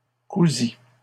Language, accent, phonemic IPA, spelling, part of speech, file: French, Canada, /ku.zi/, cousît, verb, LL-Q150 (fra)-cousît.wav
- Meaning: third-person singular imperfect subjunctive of coudre